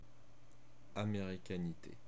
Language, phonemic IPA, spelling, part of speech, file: French, /a.me.ʁi.ka.ni.te/, américanité, noun, Fr-américanité.ogg
- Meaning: Americanness